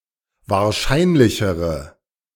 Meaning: inflection of wahrscheinlich: 1. strong/mixed nominative/accusative feminine singular comparative degree 2. strong nominative/accusative plural comparative degree
- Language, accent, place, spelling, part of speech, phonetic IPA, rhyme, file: German, Germany, Berlin, wahrscheinlichere, adjective, [vaːɐ̯ˈʃaɪ̯nlɪçəʁə], -aɪ̯nlɪçəʁə, De-wahrscheinlichere.ogg